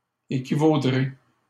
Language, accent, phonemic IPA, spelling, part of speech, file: French, Canada, /e.ki.vo.dʁe/, équivaudrez, verb, LL-Q150 (fra)-équivaudrez.wav
- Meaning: second-person plural simple future of équivaloir